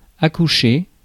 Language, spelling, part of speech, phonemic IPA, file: French, accoucher, verb, /a.ku.ʃe/, Fr-accoucher.ogg
- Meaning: 1. to go into labour 2. to give birth to, to deliver (a baby) 3. to help someone deliver (a baby) 4. to come up with 5. to say, tell something that one hid beforehand